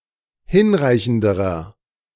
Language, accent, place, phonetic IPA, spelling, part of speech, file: German, Germany, Berlin, [ˈhɪnˌʁaɪ̯çn̩dəʁɐ], hinreichenderer, adjective, De-hinreichenderer.ogg
- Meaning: inflection of hinreichend: 1. strong/mixed nominative masculine singular comparative degree 2. strong genitive/dative feminine singular comparative degree 3. strong genitive plural comparative degree